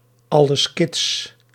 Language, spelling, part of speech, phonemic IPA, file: Dutch, alles kits, phrase, /ˌɑ.ləs ˈkɪts/, Nl-alles kits.ogg
- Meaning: 1. is everything all right? 2. everything is all right 3. everything all right